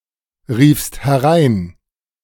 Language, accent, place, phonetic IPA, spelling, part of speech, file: German, Germany, Berlin, [ˌʁiːfst hɛˈʁaɪ̯n], riefst herein, verb, De-riefst herein.ogg
- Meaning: second-person singular preterite of hereinrufen